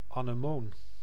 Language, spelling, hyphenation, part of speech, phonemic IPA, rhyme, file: Dutch, anemoon, ane‧moon, noun, /ˌaː.nəˈmoːn/, -oːn, Nl-anemoon.ogg
- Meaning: anemone, plant or flower of the genus Anemone